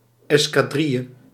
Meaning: escadrille, small squadron; especially of aeroplanes
- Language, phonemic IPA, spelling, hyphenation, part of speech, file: Dutch, /ˌɛs.kaːˈdri.jə/, escadrille, es‧ca‧dril‧le, noun, Nl-escadrille.ogg